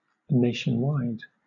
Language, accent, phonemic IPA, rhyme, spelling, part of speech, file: English, Southern England, /ˌneɪ.ʃənˈwaɪd/, -aɪd, nationwide, adjective / adverb, LL-Q1860 (eng)-nationwide.wav
- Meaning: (adjective) Extending throughout an entire nation; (adverb) Throughout a nation